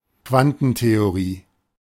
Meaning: quantum theory
- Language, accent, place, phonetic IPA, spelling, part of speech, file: German, Germany, Berlin, [ˈkvantn̩teoˌʁiː], Quantentheorie, noun, De-Quantentheorie.ogg